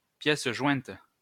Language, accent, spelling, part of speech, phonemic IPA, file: French, France, pièce jointe, noun, /pjɛs ʒwɛ̃t/, LL-Q150 (fra)-pièce jointe.wav
- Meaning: attachment (email attachment)